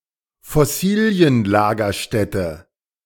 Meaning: fossil deposit, fossil site
- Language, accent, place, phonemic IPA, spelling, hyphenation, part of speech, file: German, Germany, Berlin, /fɔˈsiːlˌlaːɡɐʃtɛtə/, Fossillagerstätte, Fos‧sil‧la‧ger‧stät‧te, noun, De-Fossillagerstätte.ogg